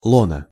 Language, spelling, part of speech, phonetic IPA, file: Russian, лоно, noun, [ˈɫonə], Ru-лоно.ogg
- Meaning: lap, bosom